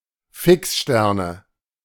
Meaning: 1. dative singular of Fixstern 2. nominative/accusative/genitive plural of Fixstern
- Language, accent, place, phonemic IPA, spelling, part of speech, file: German, Germany, Berlin, /ˈfɪksˌʃtɛʁnə/, Fixsterne, noun, De-Fixsterne.ogg